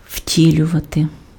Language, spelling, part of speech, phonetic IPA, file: Ukrainian, втілювати, verb, [ˈʍtʲilʲʊʋɐte], Uk-втілювати.ogg
- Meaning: to embody, to incarnate